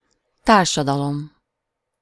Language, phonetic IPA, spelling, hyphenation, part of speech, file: Hungarian, [ˈtaːrʃɒdɒlom], társadalom, tár‧sa‧da‧lom, noun, Hu-társadalom.ogg
- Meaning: society